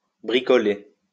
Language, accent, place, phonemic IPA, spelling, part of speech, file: French, France, Lyon, /bʁi.kɔ.le/, bricoler, verb, LL-Q150 (fra)-bricoler.wav
- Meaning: 1. to do DIY 2. to tinker (to fiddle with something in an attempt to fix, mend or improve it)